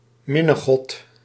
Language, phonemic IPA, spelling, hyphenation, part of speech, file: Dutch, /ˈmɪ.nəˌɣɔt/, minnegod, min‧ne‧god, noun, Nl-minnegod.ogg
- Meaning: cupid